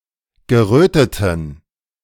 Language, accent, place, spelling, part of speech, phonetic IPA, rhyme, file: German, Germany, Berlin, geröteten, adjective, [ɡəˈʁøːtətn̩], -øːtətn̩, De-geröteten.ogg
- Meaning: inflection of gerötet: 1. strong genitive masculine/neuter singular 2. weak/mixed genitive/dative all-gender singular 3. strong/weak/mixed accusative masculine singular 4. strong dative plural